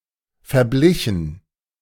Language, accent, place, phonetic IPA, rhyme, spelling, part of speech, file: German, Germany, Berlin, [fɛɐ̯ˈblɪçn̩], -ɪçn̩, verblichen, verb, De-verblichen.ogg
- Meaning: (verb) past participle of verbleichen; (adjective) faded